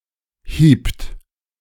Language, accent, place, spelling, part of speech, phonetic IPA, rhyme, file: German, Germany, Berlin, hiebt, verb, [hiːpt], -iːpt, De-hiebt.ogg
- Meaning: second-person plural preterite of hauen